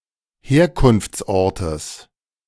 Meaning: genitive singular of Herkunftsort
- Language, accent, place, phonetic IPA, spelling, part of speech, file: German, Germany, Berlin, [ˈheːɐ̯kʊnft͡sˌʔɔʁtəs], Herkunftsortes, noun, De-Herkunftsortes.ogg